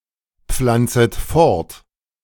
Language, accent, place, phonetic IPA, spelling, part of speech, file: German, Germany, Berlin, [ˌp͡flant͡sət ˈfɔʁt], pflanzet fort, verb, De-pflanzet fort.ogg
- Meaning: second-person plural subjunctive I of fortpflanzen